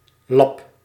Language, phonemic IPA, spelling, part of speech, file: Dutch, /lɑp/, lab, noun, Nl-lab.ogg
- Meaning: lab